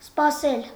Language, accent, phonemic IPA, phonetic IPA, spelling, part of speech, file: Armenian, Eastern Armenian, /spɑˈsel/, [spɑsél], սպասել, verb, Hy-սպասել.ogg
- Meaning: to wait; to expect, await